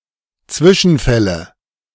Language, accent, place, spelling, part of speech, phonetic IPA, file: German, Germany, Berlin, Zwischenfälle, noun, [ˈt͡svɪʃn̩ˌfɛlə], De-Zwischenfälle.ogg
- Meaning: nominative/accusative/genitive plural of Zwischenfall